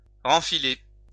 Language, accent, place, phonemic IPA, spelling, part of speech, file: French, France, Lyon, /ʁɑ̃.fi.le/, renfiler, verb, LL-Q150 (fra)-renfiler.wav
- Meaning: to rethread